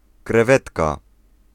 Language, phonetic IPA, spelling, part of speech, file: Polish, [krɛˈvɛtka], krewetka, noun, Pl-krewetka.ogg